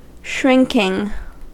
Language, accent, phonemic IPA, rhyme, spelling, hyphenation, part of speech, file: English, General American, /ˈʃɹɪŋkɪŋ/, -ɪŋkɪŋ, shrinking, shrink‧ing, verb / adjective / noun, En-us-shrinking.ogg
- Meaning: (verb) present participle and gerund of shrink; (adjective) Shy and retiring; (noun) The act of one who, or that which, shrinks; act of becoming smaller or moving timidly away